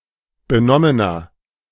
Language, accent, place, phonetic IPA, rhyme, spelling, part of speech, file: German, Germany, Berlin, [bəˈnɔmənɐ], -ɔmənɐ, benommener, adjective, De-benommener.ogg
- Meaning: inflection of benommen: 1. strong/mixed nominative masculine singular 2. strong genitive/dative feminine singular 3. strong genitive plural